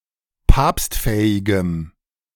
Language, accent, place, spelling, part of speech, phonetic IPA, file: German, Germany, Berlin, papstfähigem, adjective, [ˈpaːpstˌfɛːɪɡəm], De-papstfähigem.ogg
- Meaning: strong dative masculine/neuter singular of papstfähig